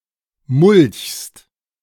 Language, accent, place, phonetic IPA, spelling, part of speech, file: German, Germany, Berlin, [mʊlçst], mulchst, verb, De-mulchst.ogg
- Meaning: second-person singular present of mulchen